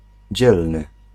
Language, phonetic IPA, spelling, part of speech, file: Polish, [ˈd͡ʑɛlnɨ], dzielny, adjective, Pl-dzielny.ogg